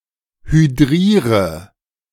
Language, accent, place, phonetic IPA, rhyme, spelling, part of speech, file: German, Germany, Berlin, [hyˈdʁiːʁə], -iːʁə, hydriere, verb, De-hydriere.ogg
- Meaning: inflection of hydrieren: 1. first-person singular present 2. first/third-person singular subjunctive I 3. singular imperative